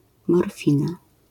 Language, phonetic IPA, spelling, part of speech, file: Polish, [mɔrˈfʲĩna], morfina, noun, LL-Q809 (pol)-morfina.wav